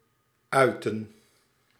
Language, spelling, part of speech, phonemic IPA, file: Dutch, uitten, verb, /ˈœy̯tə(n)/, Nl-uitten.ogg
- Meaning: inflection of uiten: 1. plural past indicative 2. plural past subjunctive